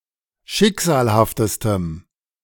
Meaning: strong dative masculine/neuter singular superlative degree of schicksalhaft
- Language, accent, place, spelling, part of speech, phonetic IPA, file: German, Germany, Berlin, schicksalhaftestem, adjective, [ˈʃɪkz̥aːlhaftəstəm], De-schicksalhaftestem.ogg